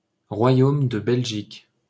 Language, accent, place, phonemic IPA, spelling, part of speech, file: French, France, Paris, /ʁwa.jom də bɛl.ʒik/, Royaume de Belgique, proper noun, LL-Q150 (fra)-Royaume de Belgique.wav
- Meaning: Kingdom of Belgium (official name of Belgium: a country in Western Europe)